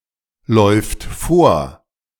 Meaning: third-person singular present of vorlaufen
- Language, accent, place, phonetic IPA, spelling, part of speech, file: German, Germany, Berlin, [ˌlɔɪ̯ft ˈfoːɐ̯], läuft vor, verb, De-läuft vor.ogg